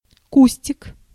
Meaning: diminutive of куст (kust): (small) bush, shrub
- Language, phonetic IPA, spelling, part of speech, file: Russian, [ˈkusʲtʲɪk], кустик, noun, Ru-кустик.ogg